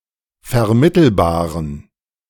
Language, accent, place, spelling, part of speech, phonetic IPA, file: German, Germany, Berlin, vermittelbaren, adjective, [fɛɐ̯ˈmɪtl̩baːʁən], De-vermittelbaren.ogg
- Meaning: inflection of vermittelbar: 1. strong genitive masculine/neuter singular 2. weak/mixed genitive/dative all-gender singular 3. strong/weak/mixed accusative masculine singular 4. strong dative plural